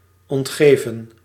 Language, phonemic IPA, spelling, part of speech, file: Dutch, /ɔntˈɣeːvə(n)/, ontgeven, verb, Nl-ontgeven.ogg
- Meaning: 1. to decline, to refuse 2. to give up, to abandon